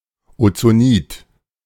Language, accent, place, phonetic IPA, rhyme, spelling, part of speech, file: German, Germany, Berlin, [ot͡soˈniːt], -iːt, Ozonid, noun, De-Ozonid.ogg
- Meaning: ozonide